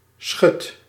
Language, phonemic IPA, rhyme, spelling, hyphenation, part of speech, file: Dutch, /sxʏt/, -ʏt, schut, schut, noun, Nl-schut.ogg
- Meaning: 1. a dam or lock gate 2. a light movable partition or wall, such as a folding screen